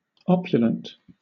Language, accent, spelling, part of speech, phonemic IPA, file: English, Southern England, opulent, adjective, /ˈɒpjʊlənt/, LL-Q1860 (eng)-opulent.wav
- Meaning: 1. Luxuriant, and ostentatiously magnificent 2. Rich, sumptuous and extravagant